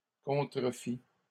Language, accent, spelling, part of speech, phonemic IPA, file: French, Canada, contrefis, verb, /kɔ̃.tʁə.fi/, LL-Q150 (fra)-contrefis.wav
- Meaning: first/second-person singular past historic of contrefaire